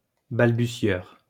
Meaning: stammerer; stutterer
- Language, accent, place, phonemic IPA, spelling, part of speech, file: French, France, Lyon, /bal.by.sjœʁ/, balbutieur, noun, LL-Q150 (fra)-balbutieur.wav